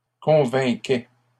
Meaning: first/second-person singular imperfect indicative of convaincre
- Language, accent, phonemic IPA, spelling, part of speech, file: French, Canada, /kɔ̃.vɛ̃.kɛ/, convainquais, verb, LL-Q150 (fra)-convainquais.wav